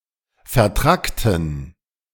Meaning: inflection of vertrackt: 1. strong genitive masculine/neuter singular 2. weak/mixed genitive/dative all-gender singular 3. strong/weak/mixed accusative masculine singular 4. strong dative plural
- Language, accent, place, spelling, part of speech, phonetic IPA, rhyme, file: German, Germany, Berlin, vertrackten, adjective, [fɛɐ̯ˈtʁaktn̩], -aktn̩, De-vertrackten.ogg